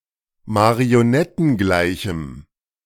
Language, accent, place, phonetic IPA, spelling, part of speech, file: German, Germany, Berlin, [maʁioˈnɛtn̩ˌɡlaɪ̯çm̩], marionettengleichem, adjective, De-marionettengleichem.ogg
- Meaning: strong dative masculine/neuter singular of marionettengleich